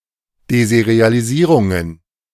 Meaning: inflection of desertieren: 1. second-person singular preterite 2. second-person singular subjunctive II
- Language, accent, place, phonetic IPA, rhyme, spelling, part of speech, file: German, Germany, Berlin, [dezɛʁˈtiːɐ̯təst], -iːɐ̯təst, desertiertest, verb, De-desertiertest.ogg